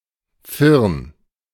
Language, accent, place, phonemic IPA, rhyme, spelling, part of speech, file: German, Germany, Berlin, /fɪʁn/, -ɪʁn, Firn, noun, De-Firn.ogg
- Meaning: névé, firn